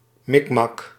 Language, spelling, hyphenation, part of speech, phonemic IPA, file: Dutch, mikmak, mik‧mak, noun, /ˈmɪk.mɑk/, Nl-mikmak.ogg
- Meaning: hodgepodge, mishmash